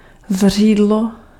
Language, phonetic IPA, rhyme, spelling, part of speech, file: Czech, [ˈzr̝iːdlo], -iːdlo, zřídlo, noun, Cs-zřídlo.ogg
- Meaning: 1. spring, source (of water) 2. hot spring 3. source (of information, entertainment etc)